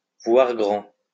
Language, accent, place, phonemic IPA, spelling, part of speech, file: French, France, Lyon, /vwaʁ ɡʁɑ̃/, voir grand, verb, LL-Q150 (fra)-voir grand.wav
- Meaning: to think big